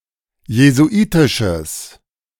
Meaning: strong/mixed nominative/accusative neuter singular of jesuitisch
- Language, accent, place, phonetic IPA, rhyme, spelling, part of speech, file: German, Germany, Berlin, [jezuˈʔiːtɪʃəs], -iːtɪʃəs, jesuitisches, adjective, De-jesuitisches.ogg